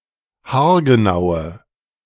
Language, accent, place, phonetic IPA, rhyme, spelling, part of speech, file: German, Germany, Berlin, [haːɐ̯ɡəˈnaʊ̯ə], -aʊ̯ə, haargenaue, adjective, De-haargenaue.ogg
- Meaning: inflection of haargenau: 1. strong/mixed nominative/accusative feminine singular 2. strong nominative/accusative plural 3. weak nominative all-gender singular